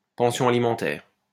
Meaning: 1. maintenance allowance, child support 2. alimony, divorce settlement
- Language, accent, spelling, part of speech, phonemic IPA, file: French, France, pension alimentaire, noun, /pɑ̃.sjɔ̃ a.li.mɑ̃.tɛʁ/, LL-Q150 (fra)-pension alimentaire.wav